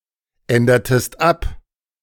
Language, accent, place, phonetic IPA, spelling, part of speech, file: German, Germany, Berlin, [ˌɛndɐtəst ˈap], ändertest ab, verb, De-ändertest ab.ogg
- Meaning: inflection of abändern: 1. second-person singular preterite 2. second-person singular subjunctive II